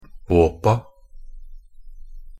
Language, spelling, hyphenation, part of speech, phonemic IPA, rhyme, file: Norwegian Bokmål, åpa, å‧pa, noun, /ˈoːpa/, -oːpa, Nb-åpa.ogg
- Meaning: definite plural of åp